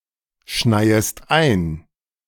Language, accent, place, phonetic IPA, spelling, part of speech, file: German, Germany, Berlin, [ˌʃnaɪ̯əst ˈaɪ̯n], schneiest ein, verb, De-schneiest ein.ogg
- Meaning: second-person singular subjunctive I of einschneien